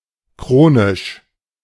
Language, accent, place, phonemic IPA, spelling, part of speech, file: German, Germany, Berlin, /ˈkʁoːnɪʃ/, chronisch, adjective / adverb, De-chronisch.ogg
- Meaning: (adjective) chronic; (adverb) chronically